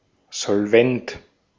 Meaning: solvent
- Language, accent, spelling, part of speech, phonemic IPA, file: German, Austria, solvent, adjective, /zɔlˈvɛnt/, De-at-solvent.ogg